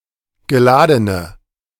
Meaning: inflection of geladen: 1. strong/mixed nominative/accusative feminine singular 2. strong nominative/accusative plural 3. weak nominative all-gender singular 4. weak accusative feminine/neuter singular
- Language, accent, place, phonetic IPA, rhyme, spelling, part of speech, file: German, Germany, Berlin, [ɡəˈlaːdənə], -aːdənə, geladene, adjective, De-geladene.ogg